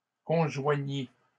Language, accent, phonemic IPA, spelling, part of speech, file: French, Canada, /kɔ̃.ʒwa.ɲi/, conjoignit, verb, LL-Q150 (fra)-conjoignit.wav
- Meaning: third-person singular past historic of conjoindre